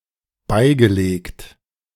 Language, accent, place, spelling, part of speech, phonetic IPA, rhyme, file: German, Germany, Berlin, beigelegt, adjective / verb, [ˈbaɪ̯ɡəˌleːkt], -aɪ̯ɡəleːkt, De-beigelegt.ogg
- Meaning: past participle of beilegen